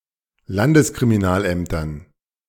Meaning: dative plural of Landeskriminalamt
- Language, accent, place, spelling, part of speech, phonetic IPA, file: German, Germany, Berlin, Landeskriminalämtern, noun, [ˈlandəskʁimiˌnaːlʔɛmtɐn], De-Landeskriminalämtern.ogg